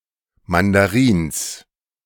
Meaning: genitive singular of Mandarin
- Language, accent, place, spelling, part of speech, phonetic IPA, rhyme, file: German, Germany, Berlin, Mandarins, noun, [ˌmandaˈʁiːns], -iːns, De-Mandarins.ogg